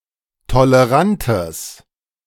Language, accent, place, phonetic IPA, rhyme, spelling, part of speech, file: German, Germany, Berlin, [toləˈʁantəs], -antəs, tolerantes, adjective, De-tolerantes.ogg
- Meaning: strong/mixed nominative/accusative neuter singular of tolerant